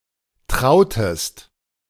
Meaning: inflection of trauen: 1. second-person singular preterite 2. second-person singular subjunctive II
- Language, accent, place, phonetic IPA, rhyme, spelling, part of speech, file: German, Germany, Berlin, [ˈtʁaʊ̯təst], -aʊ̯təst, trautest, verb, De-trautest.ogg